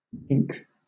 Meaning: A guy, a fellow, especially (derogatory) a foolish, unworldly, or socially inept man; a goof
- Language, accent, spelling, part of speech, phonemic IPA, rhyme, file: English, Southern England, gink, noun, /ɡɪŋk/, -ɪŋk, LL-Q1860 (eng)-gink.wav